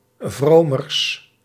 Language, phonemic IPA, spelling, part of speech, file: Dutch, /vromərs/, vromers, adjective, Nl-vromers.ogg
- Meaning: partitive comparative degree of vroom